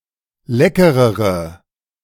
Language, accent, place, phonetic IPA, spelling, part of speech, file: German, Germany, Berlin, [ˈlɛkəʁəʁə], leckerere, adjective, De-leckerere.ogg
- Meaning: inflection of lecker: 1. strong/mixed nominative/accusative feminine singular comparative degree 2. strong nominative/accusative plural comparative degree